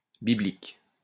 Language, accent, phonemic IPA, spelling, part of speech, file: French, France, /bi.blik/, biblique, adjective, LL-Q150 (fra)-biblique.wav
- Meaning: biblical (related to the Bible)